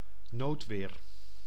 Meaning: 1. extremely bad weather (e.g. torrential rainfall) 2. self-defence in case of emergency 3. the right to self-defense
- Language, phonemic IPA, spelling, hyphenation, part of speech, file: Dutch, /ˈnoːt.ʋeːr/, noodweer, nood‧weer, noun, Nl-noodweer.ogg